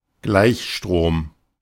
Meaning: direct current
- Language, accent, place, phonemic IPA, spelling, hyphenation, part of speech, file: German, Germany, Berlin, /ˈɡlaɪ̯çˌʃtʁoːm/, Gleichstrom, Gleich‧strom, noun, De-Gleichstrom.ogg